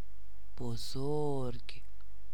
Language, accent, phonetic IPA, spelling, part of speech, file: Persian, Iran, [bo.zóɹɡʲ̥], بزرگ, adjective, Fa-بزرگ.ogg
- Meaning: 1. large, big 2. great 3. major